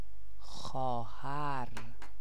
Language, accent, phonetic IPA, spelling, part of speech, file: Persian, Iran, [xɒː.ɦæɹ], خواهر, noun, Fa-خواهر.ogg
- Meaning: 1. sister 2. sissy